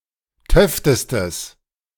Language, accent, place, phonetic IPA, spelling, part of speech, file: German, Germany, Berlin, [ˈtœftəstəs], töftestes, adjective, De-töftestes.ogg
- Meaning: strong/mixed nominative/accusative neuter singular superlative degree of töfte